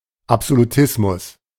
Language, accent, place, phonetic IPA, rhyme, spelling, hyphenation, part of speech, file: German, Germany, Berlin, [ˌapzoluˈtɪsmʊs], -ɪsmʊs, Absolutismus, Ab‧so‧lu‧tis‧mus, noun, De-Absolutismus.ogg
- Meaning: absolutism